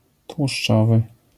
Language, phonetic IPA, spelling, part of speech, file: Polish, [twuʃˈt͡ʃɔvɨ], tłuszczowy, adjective, LL-Q809 (pol)-tłuszczowy.wav